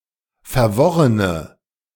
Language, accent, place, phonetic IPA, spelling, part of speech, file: German, Germany, Berlin, [fɛɐ̯ˈvɔʁənə], verworrene, adjective, De-verworrene.ogg
- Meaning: inflection of verworren: 1. strong/mixed nominative/accusative feminine singular 2. strong nominative/accusative plural 3. weak nominative all-gender singular